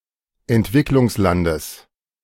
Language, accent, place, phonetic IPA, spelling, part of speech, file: German, Germany, Berlin, [ɛntˈvɪklʊŋsˌlandəs], Entwicklungslandes, noun, De-Entwicklungslandes.ogg
- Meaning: genitive singular of Entwicklungsland